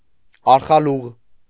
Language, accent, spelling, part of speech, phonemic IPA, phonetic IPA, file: Armenian, Eastern Armenian, արխալուղ, noun, /ɑɾχɑˈluʁ/, [ɑɾχɑlúʁ], Hy-արխալուղ.ogg
- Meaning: arkhalig